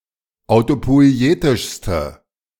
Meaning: inflection of autopoietisch: 1. strong/mixed nominative/accusative feminine singular superlative degree 2. strong nominative/accusative plural superlative degree
- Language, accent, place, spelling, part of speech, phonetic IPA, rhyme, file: German, Germany, Berlin, autopoietischste, adjective, [aʊ̯topɔɪ̯ˈeːtɪʃstə], -eːtɪʃstə, De-autopoietischste.ogg